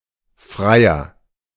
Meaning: 1. john, punter (client of a prostitute) 2. courter (one who woos a woman for marriage)
- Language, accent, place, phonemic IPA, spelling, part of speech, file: German, Germany, Berlin, /ˈfʁaɪ̯ɐ/, Freier, noun, De-Freier.ogg